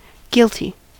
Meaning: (adjective) 1. Responsible for a dishonest act 2. Judged to have committed a crime 3. Having a sense of guilt 4. Blameworthy; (noun) A plea by a defendant who does not contest a charge
- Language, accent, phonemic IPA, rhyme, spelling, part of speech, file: English, US, /ˈɡɪl.ti/, -ɪlti, guilty, adjective / noun, En-us-guilty.ogg